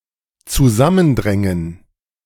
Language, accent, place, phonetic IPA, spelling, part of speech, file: German, Germany, Berlin, [t͡suˈzamənˌdʁɛŋən], zusammendrängen, verb, De-zusammendrängen.ogg
- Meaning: 1. to condense 2. to crowd together